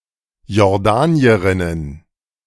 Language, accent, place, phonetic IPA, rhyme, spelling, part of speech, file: German, Germany, Berlin, [jɔʁˈdaːni̯əʁɪnən], -aːni̯əʁɪnən, Jordanierinnen, noun, De-Jordanierinnen.ogg
- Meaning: plural of Jordanierin